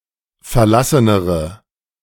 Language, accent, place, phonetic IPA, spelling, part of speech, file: German, Germany, Berlin, [fɛɐ̯ˈlasənəʁə], verlassenere, adjective, De-verlassenere.ogg
- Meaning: inflection of verlassen: 1. strong/mixed nominative/accusative feminine singular comparative degree 2. strong nominative/accusative plural comparative degree